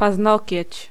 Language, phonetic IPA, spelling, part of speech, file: Polish, [pazˈnɔcɛ̇t͡ɕ], paznokieć, noun, Pl-paznokieć.ogg